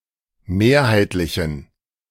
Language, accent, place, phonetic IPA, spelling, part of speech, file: German, Germany, Berlin, [ˈmeːɐ̯haɪ̯tlɪçn̩], mehrheitlichen, adjective, De-mehrheitlichen.ogg
- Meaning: inflection of mehrheitlich: 1. strong genitive masculine/neuter singular 2. weak/mixed genitive/dative all-gender singular 3. strong/weak/mixed accusative masculine singular 4. strong dative plural